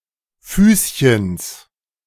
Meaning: genitive of Füßchen
- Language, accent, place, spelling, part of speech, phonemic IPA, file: German, Germany, Berlin, Füßchens, noun, /ˈfyːs.çəns/, De-Füßchens.ogg